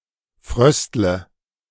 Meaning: inflection of frösteln: 1. first-person singular present 2. first/third-person singular subjunctive I 3. singular imperative
- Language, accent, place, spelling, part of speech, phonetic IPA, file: German, Germany, Berlin, fröstle, verb, [ˈfʁœstlə], De-fröstle.ogg